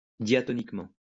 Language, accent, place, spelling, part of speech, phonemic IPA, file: French, France, Lyon, diatoniquement, adverb, /dja.tɔ.nik.mɑ̃/, LL-Q150 (fra)-diatoniquement.wav
- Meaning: diatonically